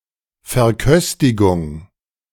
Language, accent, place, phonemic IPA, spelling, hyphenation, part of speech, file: German, Germany, Berlin, /fɛɐ̯ˈkœstɪɡʊŋ/, Verköstigung, Ver‧kös‧ti‧gung, noun, De-Verköstigung.ogg
- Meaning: feeding